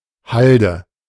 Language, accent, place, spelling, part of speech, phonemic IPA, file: German, Germany, Berlin, Halde, noun, /ˈhal.də/, De-Halde.ogg
- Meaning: 1. mountain slope, incline 2. spoil heap (heap of excavated material) 3. waste heap (heap of other discarded material) 4. stockpile (accumulated material in long-term storage)